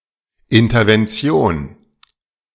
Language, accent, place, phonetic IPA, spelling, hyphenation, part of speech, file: German, Germany, Berlin, [ɪntɐvɛnˈt͡si̯oːn], Intervention, In‧ter‧ven‧ti‧on, noun, De-Intervention.ogg
- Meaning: intervention (act of intervening)